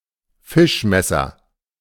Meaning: fish knife
- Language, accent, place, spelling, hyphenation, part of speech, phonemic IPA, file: German, Germany, Berlin, Fischmesser, Fisch‧mes‧ser, noun, /ˈfɪʃˌmɛsɐ/, De-Fischmesser.ogg